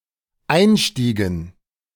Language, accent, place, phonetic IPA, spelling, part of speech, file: German, Germany, Berlin, [ˈaɪ̯nˌʃtiːɡn̩], einstiegen, verb, De-einstiegen.ogg
- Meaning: inflection of einsteigen: 1. first/third-person plural dependent preterite 2. first/third-person plural dependent subjunctive II